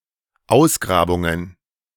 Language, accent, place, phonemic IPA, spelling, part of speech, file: German, Germany, Berlin, /ˈʔaʊ̯sɡʁaːbʊŋən/, Ausgrabungen, noun, De-Ausgrabungen.ogg
- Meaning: plural of Ausgrabung